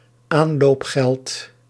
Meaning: the money paid to new recruits upon joining the infantry
- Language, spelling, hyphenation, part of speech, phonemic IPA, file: Dutch, aanloopgeld, aan‧loop‧geld, noun, /ˈaːn.loːpˌxɛlt/, Nl-aanloopgeld.ogg